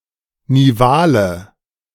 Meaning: inflection of nival: 1. strong/mixed nominative/accusative feminine singular 2. strong nominative/accusative plural 3. weak nominative all-gender singular 4. weak accusative feminine/neuter singular
- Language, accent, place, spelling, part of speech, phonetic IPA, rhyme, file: German, Germany, Berlin, nivale, adjective, [niˈvaːlə], -aːlə, De-nivale.ogg